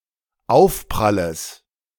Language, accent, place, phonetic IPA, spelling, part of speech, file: German, Germany, Berlin, [ˈaʊ̯fpʁaləs], Aufpralles, noun, De-Aufpralles.ogg
- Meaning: genitive of Aufprall